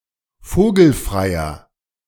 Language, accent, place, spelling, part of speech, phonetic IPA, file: German, Germany, Berlin, vogelfreier, adjective, [ˈfoːɡl̩fʁaɪ̯ɐ], De-vogelfreier.ogg
- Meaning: inflection of vogelfrei: 1. strong/mixed nominative masculine singular 2. strong genitive/dative feminine singular 3. strong genitive plural